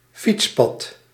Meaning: cycle path
- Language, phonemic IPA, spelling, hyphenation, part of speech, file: Dutch, /ˈfits.pɑt/, fietspad, fiets‧pad, noun, Nl-fietspad.ogg